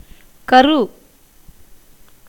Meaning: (noun) 1. foetus, embryo 2. yolk of an egg 3. egg, germ 4. body 5. birth 6. child 7. mould, matrix 8. substance, contents; basic theme 9. foundation, basement 10. atom, electron
- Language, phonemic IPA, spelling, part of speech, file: Tamil, /kɐɾɯ/, கரு, noun / adjective / verb, Ta-கரு.ogg